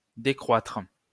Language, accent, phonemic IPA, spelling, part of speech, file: French, France, /de.kʁwatʁ/, décroitre, verb, LL-Q150 (fra)-décroitre.wav
- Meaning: post-1990 spelling of décroître